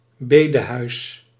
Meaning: house of worship
- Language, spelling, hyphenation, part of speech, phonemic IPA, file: Dutch, bedehuis, be‧de‧huis, noun, /ˈbeː.dəˌɦœy̯s/, Nl-bedehuis.ogg